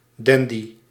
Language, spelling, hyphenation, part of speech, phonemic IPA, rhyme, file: Dutch, dandy, dan‧dy, noun, /ˈdɛn.di/, -ɛndi, Nl-dandy.ogg
- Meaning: dandy